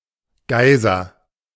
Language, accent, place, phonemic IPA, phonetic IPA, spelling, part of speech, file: German, Germany, Berlin, /ˈɡaɪ̯zər/, [ˈɡaɪ̯.zɐ], Geiser, noun, De-Geiser.ogg
- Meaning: alternative form of Geysir